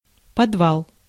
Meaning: basement, cellar, vault
- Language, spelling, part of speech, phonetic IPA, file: Russian, подвал, noun, [pɐdˈvaɫ], Ru-подвал.ogg